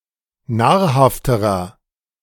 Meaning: inflection of nahrhaft: 1. strong/mixed nominative masculine singular comparative degree 2. strong genitive/dative feminine singular comparative degree 3. strong genitive plural comparative degree
- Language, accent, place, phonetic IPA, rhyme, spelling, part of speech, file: German, Germany, Berlin, [ˈnaːɐ̯ˌhaftəʁɐ], -aːɐ̯haftəʁɐ, nahrhafterer, adjective, De-nahrhafterer.ogg